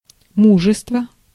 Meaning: courage
- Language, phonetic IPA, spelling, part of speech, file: Russian, [ˈmuʐɨstvə], мужество, noun, Ru-мужество.ogg